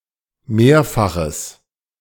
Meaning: strong/mixed nominative/accusative neuter singular of mehrfach
- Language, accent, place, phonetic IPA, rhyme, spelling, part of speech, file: German, Germany, Berlin, [ˈmeːɐ̯faxəs], -eːɐ̯faxəs, mehrfaches, adjective, De-mehrfaches.ogg